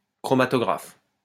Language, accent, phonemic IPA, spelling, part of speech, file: French, France, /kʁɔ.ma.tɔ.ɡʁaf/, chromatographe, noun, LL-Q150 (fra)-chromatographe.wav
- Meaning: chromatograph